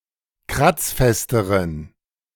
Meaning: inflection of kratzfest: 1. strong genitive masculine/neuter singular comparative degree 2. weak/mixed genitive/dative all-gender singular comparative degree
- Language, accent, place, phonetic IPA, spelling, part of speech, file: German, Germany, Berlin, [ˈkʁat͡sˌfɛstəʁən], kratzfesteren, adjective, De-kratzfesteren.ogg